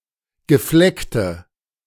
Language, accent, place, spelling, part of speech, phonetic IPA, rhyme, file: German, Germany, Berlin, gefleckte, adjective, [ɡəˈflɛktə], -ɛktə, De-gefleckte.ogg
- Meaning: inflection of gefleckt: 1. strong/mixed nominative/accusative feminine singular 2. strong nominative/accusative plural 3. weak nominative all-gender singular